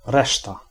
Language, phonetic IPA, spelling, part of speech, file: Polish, [ˈrɛʃta], reszta, noun, Pl-reszta.ogg